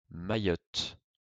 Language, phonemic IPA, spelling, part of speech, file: French, /ma.jɔt/, Mayotte, proper noun, LL-Q150 (fra)-Mayotte.wav
- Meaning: Mayotte (an archipelago, overseas department, and administrative region of France, formerly an overseas territorial collectivity, located between Africa's mainland and Madagascar)